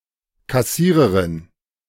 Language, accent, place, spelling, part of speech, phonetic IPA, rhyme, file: German, Germany, Berlin, Kassiererin, noun, [kaˈsiːʁəʁɪn], -iːʁəʁɪn, De-Kassiererin.ogg
- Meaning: cashier